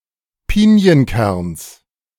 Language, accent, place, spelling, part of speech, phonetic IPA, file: German, Germany, Berlin, Pinienkerns, noun, [ˈpiːni̯ənˌkɛʁns], De-Pinienkerns.ogg
- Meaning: genitive singular of Pinienkern